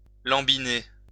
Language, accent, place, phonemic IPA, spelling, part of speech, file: French, France, Lyon, /lɑ̃.bi.ne/, lambiner, verb, LL-Q150 (fra)-lambiner.wav
- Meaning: to dawdle